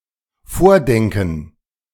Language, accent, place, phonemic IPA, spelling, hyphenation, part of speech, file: German, Germany, Berlin, /ˈfoːʁˌdɛŋkən/, vordenken, vor‧den‧ken, verb, De-vordenken.ogg
- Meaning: 1. to think ahead, anticipate, think for the future, be visionary 2. to think (something) first, to shape concepts about (something)